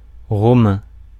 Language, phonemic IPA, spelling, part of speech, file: French, /ʁɔ.mɛ̃/, romain, adjective, Fr-romain.ogg
- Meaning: 1. of the city of Rome; Roman 2. of Ancient Rome; Roman